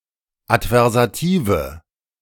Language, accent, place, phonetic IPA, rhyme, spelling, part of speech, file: German, Germany, Berlin, [atvɛʁzaˈtiːvə], -iːvə, adversative, adjective, De-adversative.ogg
- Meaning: inflection of adversativ: 1. strong/mixed nominative/accusative feminine singular 2. strong nominative/accusative plural 3. weak nominative all-gender singular